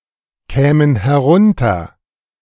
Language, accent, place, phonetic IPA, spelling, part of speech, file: German, Germany, Berlin, [ˌkɛːmən hɛˈʁʊntɐ], kämen herunter, verb, De-kämen herunter.ogg
- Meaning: first-person plural subjunctive II of herunterkommen